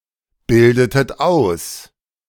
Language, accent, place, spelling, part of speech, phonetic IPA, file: German, Germany, Berlin, bildetet aus, verb, [ˌbɪldətət ˈaʊ̯s], De-bildetet aus.ogg
- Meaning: inflection of ausbilden: 1. second-person plural preterite 2. second-person plural subjunctive II